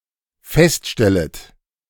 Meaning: second-person plural dependent subjunctive I of feststellen
- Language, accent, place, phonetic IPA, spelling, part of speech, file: German, Germany, Berlin, [ˈfɛstˌʃtɛlət], feststellet, verb, De-feststellet.ogg